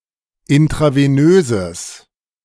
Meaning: strong/mixed nominative/accusative neuter singular of intravenös
- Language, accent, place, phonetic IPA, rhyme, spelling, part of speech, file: German, Germany, Berlin, [ɪntʁaveˈnøːzəs], -øːzəs, intravenöses, adjective, De-intravenöses.ogg